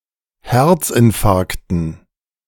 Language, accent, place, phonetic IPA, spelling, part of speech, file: German, Germany, Berlin, [ˈhɛʁt͡sʔɪnˌfaʁktn̩], Herzinfarkten, noun, De-Herzinfarkten.ogg
- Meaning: dative plural of Herzinfarkt